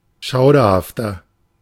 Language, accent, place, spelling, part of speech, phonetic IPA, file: German, Germany, Berlin, schauderhafter, adjective, [ˈʃaʊ̯dɐhaftɐ], De-schauderhafter.ogg
- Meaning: 1. comparative degree of schauderhaft 2. inflection of schauderhaft: strong/mixed nominative masculine singular 3. inflection of schauderhaft: strong genitive/dative feminine singular